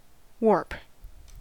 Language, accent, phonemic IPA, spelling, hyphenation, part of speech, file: English, US, /ˈwoɹp/, warp, warp, noun / verb, En-us-warp.ogg
- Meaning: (noun) The state, quality, or condition of being twisted, physically or mentally: The state, quality, or condition of being physically bent or twisted out of shape